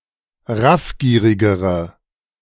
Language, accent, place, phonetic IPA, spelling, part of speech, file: German, Germany, Berlin, [ˈʁafˌɡiːʁɪɡəʁə], raffgierigere, adjective, De-raffgierigere.ogg
- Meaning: inflection of raffgierig: 1. strong/mixed nominative/accusative feminine singular comparative degree 2. strong nominative/accusative plural comparative degree